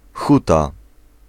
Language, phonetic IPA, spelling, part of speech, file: Polish, [ˈxuta], huta, noun, Pl-huta.ogg